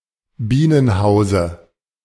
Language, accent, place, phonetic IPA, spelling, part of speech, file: German, Germany, Berlin, [ˈbiːnənˌhaʊ̯zə], Bienenhause, noun, De-Bienenhause.ogg
- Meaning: dative singular of Bienenhaus